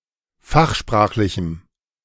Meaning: strong dative masculine/neuter singular of fachsprachlich
- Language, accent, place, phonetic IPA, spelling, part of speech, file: German, Germany, Berlin, [ˈfaxˌʃpʁaːxlɪçm̩], fachsprachlichem, adjective, De-fachsprachlichem.ogg